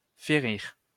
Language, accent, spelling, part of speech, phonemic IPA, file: French, France, férir, verb, /fe.ʁiʁ/, LL-Q150 (fra)-férir.wav
- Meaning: to hit, strike